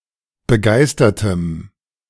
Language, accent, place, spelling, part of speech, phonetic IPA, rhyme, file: German, Germany, Berlin, begeistertem, adjective, [bəˈɡaɪ̯stɐtəm], -aɪ̯stɐtəm, De-begeistertem.ogg
- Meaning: strong dative masculine/neuter singular of begeistert